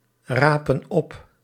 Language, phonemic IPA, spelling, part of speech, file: Dutch, /ˈrapə(n) ˈɔp/, rapen op, verb, Nl-rapen op.ogg
- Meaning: inflection of oprapen: 1. plural present indicative 2. plural present subjunctive